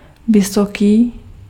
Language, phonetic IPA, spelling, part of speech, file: Czech, [ˈvɪsokiː], vysoký, adjective, Cs-vysoký.ogg
- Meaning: 1. high 2. tall